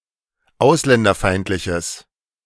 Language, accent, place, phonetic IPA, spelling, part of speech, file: German, Germany, Berlin, [ˈaʊ̯slɛndɐˌfaɪ̯ntlɪçəs], ausländerfeindliches, adjective, De-ausländerfeindliches.ogg
- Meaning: strong/mixed nominative/accusative neuter singular of ausländerfeindlich